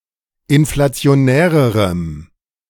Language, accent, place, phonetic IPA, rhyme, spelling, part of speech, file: German, Germany, Berlin, [ɪnflat͡si̯oˈnɛːʁəʁəm], -ɛːʁəʁəm, inflationärerem, adjective, De-inflationärerem.ogg
- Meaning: strong dative masculine/neuter singular comparative degree of inflationär